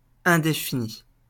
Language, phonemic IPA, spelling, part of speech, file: French, /ɛ̃.de.fi.ni/, indéfini, adjective, LL-Q150 (fra)-indéfini.wav
- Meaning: 1. undefined; without a definition 2. indefinite